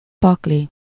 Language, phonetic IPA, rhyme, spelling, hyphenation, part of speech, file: Hungarian, [ˈpɒkli], -li, pakli, pak‧li, noun, Hu-pakli.ogg
- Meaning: pack (a full set of playing cards)